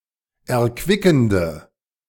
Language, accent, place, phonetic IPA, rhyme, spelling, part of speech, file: German, Germany, Berlin, [ɛɐ̯ˈkvɪkn̩də], -ɪkn̩də, erquickende, adjective, De-erquickende.ogg
- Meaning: inflection of erquickend: 1. strong/mixed nominative/accusative feminine singular 2. strong nominative/accusative plural 3. weak nominative all-gender singular